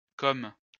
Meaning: 1. a male given name, equivalent to English Cosmo 2. Como (a city and comune, the capital of the province of Como, Lombardy) 3. Como (a province of Lombardy, Italy)
- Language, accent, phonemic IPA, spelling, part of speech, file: French, France, /kom/, Côme, proper noun, LL-Q150 (fra)-Côme.wav